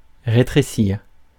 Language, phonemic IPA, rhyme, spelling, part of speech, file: French, /ʁe.tʁe.siʁ/, -iʁ, rétrécir, verb, Fr-rétrécir.ogg
- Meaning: 1. to shrink 2. to narrow